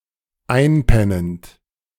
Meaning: present participle of einpennen
- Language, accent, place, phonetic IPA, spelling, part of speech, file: German, Germany, Berlin, [ˈaɪ̯nˌpɛnənt], einpennend, verb, De-einpennend.ogg